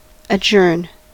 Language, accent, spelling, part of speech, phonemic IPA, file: English, US, adjourn, verb, /əˈd͡ʒɝn/, En-us-adjourn.ogg
- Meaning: 1. To postpone 2. To defer; to put off temporarily or indefinitely 3. To end or suspend an event 4. To move as a group from one place to another